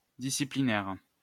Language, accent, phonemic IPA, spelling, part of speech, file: French, France, /di.si.pli.nɛʁ/, disciplinaire, adjective, LL-Q150 (fra)-disciplinaire.wav
- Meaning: disciplinary